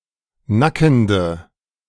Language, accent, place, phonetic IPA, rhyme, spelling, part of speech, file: German, Germany, Berlin, [ˈnakn̩də], -akn̩də, nackende, adjective, De-nackende.ogg
- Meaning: inflection of nackend: 1. strong/mixed nominative/accusative feminine singular 2. strong nominative/accusative plural 3. weak nominative all-gender singular 4. weak accusative feminine/neuter singular